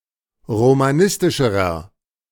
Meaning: inflection of romanistisch: 1. strong/mixed nominative masculine singular comparative degree 2. strong genitive/dative feminine singular comparative degree 3. strong genitive plural comparative degree
- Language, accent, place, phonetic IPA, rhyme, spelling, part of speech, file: German, Germany, Berlin, [ʁomaˈnɪstɪʃəʁɐ], -ɪstɪʃəʁɐ, romanistischerer, adjective, De-romanistischerer.ogg